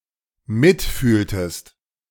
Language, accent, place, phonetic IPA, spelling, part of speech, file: German, Germany, Berlin, [ˈmɪtˌfyːltəst], mitfühltest, verb, De-mitfühltest.ogg
- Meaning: inflection of mitfühlen: 1. second-person singular dependent preterite 2. second-person singular dependent subjunctive II